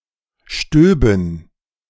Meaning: first-person plural subjunctive II of stieben
- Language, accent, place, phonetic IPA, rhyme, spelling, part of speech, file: German, Germany, Berlin, [ˈʃtøːbn̩], -øːbn̩, stöben, verb, De-stöben.ogg